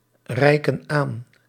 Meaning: inflection of aanreiken: 1. plural present indicative 2. plural present subjunctive
- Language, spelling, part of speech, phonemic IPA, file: Dutch, reiken aan, verb, /ˈrɛikə(n) ˈan/, Nl-reiken aan.ogg